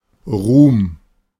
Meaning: fame, glory
- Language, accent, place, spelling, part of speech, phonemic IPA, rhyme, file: German, Germany, Berlin, Ruhm, noun, /ʁuːm/, -uːm, De-Ruhm.ogg